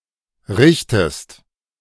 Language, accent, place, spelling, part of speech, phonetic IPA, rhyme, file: German, Germany, Berlin, richtest, verb, [ˈʁɪçtəst], -ɪçtəst, De-richtest.ogg
- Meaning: inflection of richten: 1. second-person singular present 2. second-person singular subjunctive I